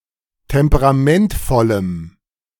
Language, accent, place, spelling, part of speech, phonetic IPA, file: German, Germany, Berlin, temperamentvollem, adjective, [ˌtɛmpəʁaˈmɛntfɔləm], De-temperamentvollem.ogg
- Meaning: strong dative masculine/neuter singular of temperamentvoll